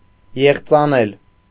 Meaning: archaic form of եղծել (eġcel)
- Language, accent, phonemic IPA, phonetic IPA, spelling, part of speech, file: Armenian, Eastern Armenian, /jeχt͡sɑˈnel/, [jeχt͡sɑnél], եղծանել, verb, Hy-եղծանել.ogg